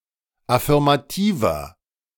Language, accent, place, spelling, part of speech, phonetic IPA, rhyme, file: German, Germany, Berlin, affirmativer, adjective, [afɪʁmaˈtiːvɐ], -iːvɐ, De-affirmativer.ogg
- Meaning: 1. comparative degree of affirmativ 2. inflection of affirmativ: strong/mixed nominative masculine singular 3. inflection of affirmativ: strong genitive/dative feminine singular